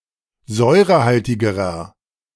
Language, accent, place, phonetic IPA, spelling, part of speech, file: German, Germany, Berlin, [ˈzɔɪ̯ʁəˌhaltɪɡəʁɐ], säurehaltigerer, adjective, De-säurehaltigerer.ogg
- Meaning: inflection of säurehaltig: 1. strong/mixed nominative masculine singular comparative degree 2. strong genitive/dative feminine singular comparative degree 3. strong genitive plural comparative degree